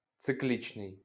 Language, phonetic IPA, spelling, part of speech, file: Ukrainian, [t͡seˈklʲit͡ʃnei̯], циклічний, adjective, LL-Q8798 (ukr)-циклічний.wav
- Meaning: cyclic, cyclical